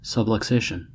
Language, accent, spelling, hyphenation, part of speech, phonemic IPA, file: English, US, subluxation, sub‧lux‧a‧tion, noun, /ˌsəbˌləkˈseɪ.ʃən/, En-us-subluxation.ogg
- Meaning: A partial dislocation of a joint, in which the articulating surfaces remain in partial contact